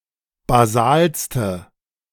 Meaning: inflection of basal: 1. strong/mixed nominative/accusative feminine singular superlative degree 2. strong nominative/accusative plural superlative degree
- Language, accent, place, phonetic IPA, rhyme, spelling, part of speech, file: German, Germany, Berlin, [baˈzaːlstə], -aːlstə, basalste, adjective, De-basalste.ogg